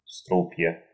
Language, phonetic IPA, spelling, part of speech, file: Russian, [ˈstrup⁽ʲ⁾jə], струпья, noun, Ru-стру́пья.ogg
- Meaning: nominative/accusative plural of струп (strup)